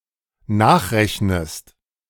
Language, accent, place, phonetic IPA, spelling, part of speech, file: German, Germany, Berlin, [ˈnaːxˌʁɛçnəst], nachrechnest, verb, De-nachrechnest.ogg
- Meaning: inflection of nachrechnen: 1. second-person singular dependent present 2. second-person singular dependent subjunctive I